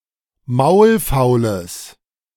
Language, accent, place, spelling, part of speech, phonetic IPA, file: German, Germany, Berlin, maulfaules, adjective, [ˈmaʊ̯lˌfaʊ̯ləs], De-maulfaules.ogg
- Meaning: strong/mixed nominative/accusative neuter singular of maulfaul